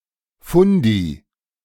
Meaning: fundamentalist
- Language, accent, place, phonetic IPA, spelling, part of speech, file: German, Germany, Berlin, [ˈfʊndi], Fundi, noun, De-Fundi.ogg